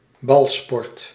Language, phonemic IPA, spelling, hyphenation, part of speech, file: Dutch, /ˈbɑl.spɔrt/, balsport, bal‧sport, noun, Nl-balsport.ogg
- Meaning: ball sport, ball sports